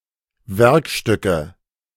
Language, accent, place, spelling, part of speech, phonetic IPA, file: German, Germany, Berlin, Werkstücke, noun, [ˈvɛʁkˌʃtʏkə], De-Werkstücke.ogg
- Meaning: nominative/accusative/genitive plural of Werkstück